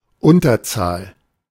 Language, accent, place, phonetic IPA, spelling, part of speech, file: German, Germany, Berlin, [ˈʊntɐˌt͡saːl], Unterzahl, noun, De-Unterzahl.ogg
- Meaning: synonym of Minderzahl